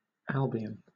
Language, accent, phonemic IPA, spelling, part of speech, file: English, Southern England, /ˈælbɪən/, Albion, proper noun, LL-Q1860 (eng)-Albion.wav
- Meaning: 1. Great Britain (or sometimes just England or the British Isles) 2. Any of several places in the United States: A census-designated place in Mendocino County, California